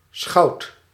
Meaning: sheriff, bailiff
- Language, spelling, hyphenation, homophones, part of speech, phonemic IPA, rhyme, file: Dutch, schout, schout, schoud, noun, /sxɑu̯t/, -ɑu̯t, Nl-schout.ogg